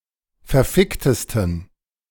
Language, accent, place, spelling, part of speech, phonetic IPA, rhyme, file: German, Germany, Berlin, verficktesten, adjective, [fɛɐ̯ˈfɪktəstn̩], -ɪktəstn̩, De-verficktesten.ogg
- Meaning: 1. superlative degree of verfickt 2. inflection of verfickt: strong genitive masculine/neuter singular superlative degree